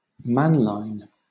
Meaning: A little man; a dwarf, a mannikin
- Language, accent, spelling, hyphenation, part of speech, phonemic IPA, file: English, Southern England, Männlein, Männ‧lein, noun, /ˈmænlaɪn/, LL-Q1860 (eng)-Männlein.wav